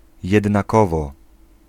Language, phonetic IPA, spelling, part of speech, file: Polish, [ˌjɛdnaˈkɔvɔ], jednakowo, adverb / conjunction, Pl-jednakowo.ogg